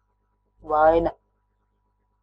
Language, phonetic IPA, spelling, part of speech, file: Latvian, [vāīna], vaina, noun, Lv-vaina.ogg
- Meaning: 1. fault, guilt (an offense punishable according to the law; behavior or conduct with bad consequences) 2. defect, imperfection, flaw, fault 3. disease, ailment, wound 4. cause